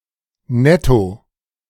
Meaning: net (as in net profit or net weight)
- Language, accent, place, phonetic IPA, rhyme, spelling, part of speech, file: German, Germany, Berlin, [ˈnɛto], -ɛto, netto, adverb, De-netto.ogg